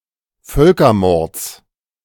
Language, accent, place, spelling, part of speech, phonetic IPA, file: German, Germany, Berlin, Völkermords, noun, [ˈfœlkɐˌmɔʁt͡s], De-Völkermords.ogg
- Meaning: genitive singular of Völkermord